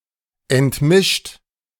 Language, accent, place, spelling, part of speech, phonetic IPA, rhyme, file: German, Germany, Berlin, entmischt, verb, [ɛntˈmɪʃt], -ɪʃt, De-entmischt.ogg
- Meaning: 1. past participle of entmischen 2. inflection of entmischen: second-person plural present 3. inflection of entmischen: third-person singular present 4. inflection of entmischen: plural imperative